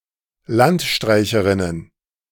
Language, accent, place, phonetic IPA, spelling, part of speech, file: German, Germany, Berlin, [ˈlantˌʃtʁaɪ̯çəʁɪnən], Landstreicherinnen, noun, De-Landstreicherinnen.ogg
- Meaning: plural of Landstreicherin